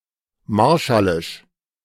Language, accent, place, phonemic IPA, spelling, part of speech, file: German, Germany, Berlin, /ˈmaʁʃalɪʃ/, marshallisch, adjective, De-marshallisch.ogg
- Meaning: Marshallese